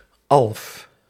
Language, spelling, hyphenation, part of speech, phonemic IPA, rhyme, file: Dutch, alf, alf, noun, /ɑlf/, -ɑlf, Nl-alf.ogg
- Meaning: a type of folkloristic humanoid or spirit; an elf